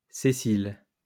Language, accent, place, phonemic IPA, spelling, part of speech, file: French, France, Lyon, /se.sil/, Cécile, proper noun, LL-Q150 (fra)-Cécile.wav
- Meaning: a female given name, equivalent to English Cecilia